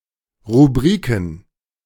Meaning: plural of Rubrik
- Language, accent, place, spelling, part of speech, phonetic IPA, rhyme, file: German, Germany, Berlin, Rubriken, noun, [ʁuˈbʁiːkn̩], -iːkn̩, De-Rubriken.ogg